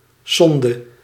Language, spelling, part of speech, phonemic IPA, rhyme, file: Dutch, sonde, noun, /ˈsɔn.də/, -ɔndə, Nl-sonde.ogg
- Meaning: 1. probe 2. feeding tube (medical equipment)